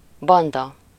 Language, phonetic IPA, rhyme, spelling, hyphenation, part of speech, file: Hungarian, [ˈbɒndɒ], -dɒ, banda, ban‧da, noun, Hu-banda.ogg
- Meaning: 1. gang (group of criminals who band together) 2. band, crew, mob (unruly group of people) 3. team, band (group of people being in some relation) 4. band (group of people playing popular music)